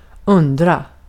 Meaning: to wonder (to ponder about something)
- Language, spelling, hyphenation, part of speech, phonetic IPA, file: Swedish, undra, undra, verb, [²ɵ̞nːdra], Sv-undra.ogg